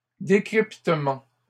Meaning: plural of décryptement
- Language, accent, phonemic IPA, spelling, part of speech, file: French, Canada, /de.kʁip.tə.mɑ̃/, décryptements, noun, LL-Q150 (fra)-décryptements.wav